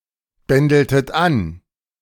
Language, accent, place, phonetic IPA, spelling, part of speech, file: German, Germany, Berlin, [ˌbɛndl̩tət ˈan], bändeltet an, verb, De-bändeltet an.ogg
- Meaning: inflection of anbändeln: 1. second-person plural preterite 2. second-person plural subjunctive II